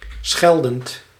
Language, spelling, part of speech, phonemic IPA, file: Dutch, scheldend, verb / adjective, /ˈsxɛldənt/, Nl-scheldend.ogg
- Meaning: present participle of schelden